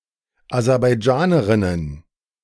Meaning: plural of Aserbaidschanerin
- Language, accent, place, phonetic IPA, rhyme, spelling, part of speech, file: German, Germany, Berlin, [azɛʁbaɪ̯ˈd͡ʒaːnəʁɪnən], -aːnəʁɪnən, Aserbaidschanerinnen, noun, De-Aserbaidschanerinnen.ogg